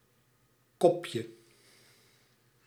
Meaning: 1. diminutive of kop 2. an act of rubbing one's face on someone or something to spread pheromones
- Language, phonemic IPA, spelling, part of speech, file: Dutch, /ˈkɔ.pjə/, kopje, noun, Nl-kopje.ogg